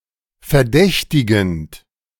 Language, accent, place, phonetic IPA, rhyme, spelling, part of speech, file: German, Germany, Berlin, [fɛɐ̯ˈdɛçtɪɡn̩t], -ɛçtɪɡn̩t, verdächtigend, verb, De-verdächtigend.ogg
- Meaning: present participle of verdächtigen